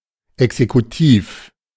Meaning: executive
- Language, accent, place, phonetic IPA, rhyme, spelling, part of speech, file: German, Germany, Berlin, [ɛksekuˈtiːf], -iːf, exekutiv, adjective, De-exekutiv.ogg